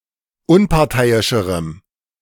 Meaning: strong dative masculine/neuter singular comparative degree of unparteiisch
- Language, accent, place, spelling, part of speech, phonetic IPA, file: German, Germany, Berlin, unparteiischerem, adjective, [ˈʊnpaʁˌtaɪ̯ɪʃəʁəm], De-unparteiischerem.ogg